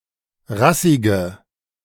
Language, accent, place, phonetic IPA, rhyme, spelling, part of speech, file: German, Germany, Berlin, [ˈʁasɪɡə], -asɪɡə, rassige, adjective, De-rassige.ogg
- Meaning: inflection of rassig: 1. strong/mixed nominative/accusative feminine singular 2. strong nominative/accusative plural 3. weak nominative all-gender singular 4. weak accusative feminine/neuter singular